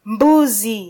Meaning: 1. goat 2. coconut grinder
- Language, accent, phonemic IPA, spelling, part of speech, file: Swahili, Kenya, /ˈᵐbu.zi/, mbuzi, noun, Sw-ke-mbuzi.flac